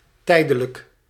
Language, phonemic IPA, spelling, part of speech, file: Dutch, /ˈtɛidələk/, tijdelijk, adjective / adverb, Nl-tijdelijk.ogg
- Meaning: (adjective) 1. temporal 2. temporary; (adverb) temporarily